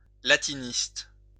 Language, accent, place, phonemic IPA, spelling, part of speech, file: French, France, Lyon, /la.ti.nist/, latiniste, noun, LL-Q150 (fra)-latiniste.wav
- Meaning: A scholar of Latin language and literature; a Latinist